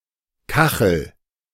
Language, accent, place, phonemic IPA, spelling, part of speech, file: German, Germany, Berlin, /ˈkaxəl/, Kachel, noun, De-Kachel.ogg
- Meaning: 1. tile (on walls or floors or stovetops, not roof tile) 2. cooking pot, saucepan 3. a term of abuse for a woman